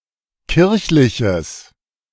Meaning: strong/mixed nominative/accusative neuter singular of kirchlich
- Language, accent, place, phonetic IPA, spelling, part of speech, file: German, Germany, Berlin, [ˈkɪʁçlɪçəs], kirchliches, adjective, De-kirchliches.ogg